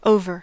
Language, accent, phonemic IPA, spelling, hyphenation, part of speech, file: English, US, /ˈoʊ̯.vɚ/, over, o‧ver, adjective / adverb / noun / preposition / interjection / verb, En-us-over.ogg
- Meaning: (adjective) 1. Finished; ended; concluded 2. Finished; ended; concluded.: Of a flower: wilting or withering 3. Hopeless; irrecoverable 4. Visiting one's home or other location